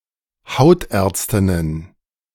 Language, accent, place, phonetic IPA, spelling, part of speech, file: German, Germany, Berlin, [ˈhaʊ̯tˌʔɛɐ̯t͡stɪnən], Hautärztinnen, noun, De-Hautärztinnen.ogg
- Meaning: plural of Hautärztin